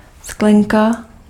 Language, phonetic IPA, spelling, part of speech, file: Czech, [ˈsklɛŋka], sklenka, noun, Cs-sklenka.ogg
- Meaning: glass (translucent drinking vessel)